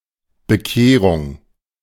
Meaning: conversion
- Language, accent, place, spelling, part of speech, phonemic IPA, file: German, Germany, Berlin, Bekehrung, noun, /bəˈkeːʁʊŋ/, De-Bekehrung.ogg